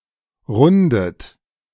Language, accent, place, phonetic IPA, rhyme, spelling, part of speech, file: German, Germany, Berlin, [ˈʁʊndət], -ʊndət, rundet, verb, De-rundet.ogg
- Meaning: inflection of runden: 1. third-person singular present 2. second-person plural present 3. second-person plural subjunctive I 4. plural imperative